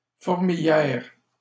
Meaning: 1. anthill 2. beehive (place full of activity, or in which people are very busy)
- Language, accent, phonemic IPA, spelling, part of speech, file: French, Canada, /fuʁ.mi.ljɛʁ/, fourmilière, noun, LL-Q150 (fra)-fourmilière.wav